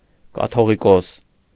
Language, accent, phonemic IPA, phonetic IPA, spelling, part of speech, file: Armenian, Eastern Armenian, /kɑtʰoʁiˈkos/, [kɑtʰoʁikós], կաթողիկոս, noun, Hy-կաթողիկոս.ogg
- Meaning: catholicos